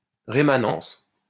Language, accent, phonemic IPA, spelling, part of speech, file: French, France, /ʁe.ma.nɑ̃s/, rémanence, noun, LL-Q150 (fra)-rémanence.wav
- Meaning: remanence